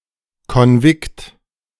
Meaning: 1. seminary 2. Catholic boarding school
- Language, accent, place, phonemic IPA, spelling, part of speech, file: German, Germany, Berlin, /kɔnˈvɪkt/, Konvikt, noun, De-Konvikt.ogg